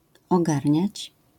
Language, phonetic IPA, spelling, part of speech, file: Polish, [ɔˈɡarʲɲät͡ɕ], ogarniać, verb, LL-Q809 (pol)-ogarniać.wav